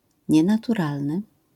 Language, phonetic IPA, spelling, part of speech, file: Polish, [ˌɲɛ̃natuˈralnɨ], nienaturalny, adjective, LL-Q809 (pol)-nienaturalny.wav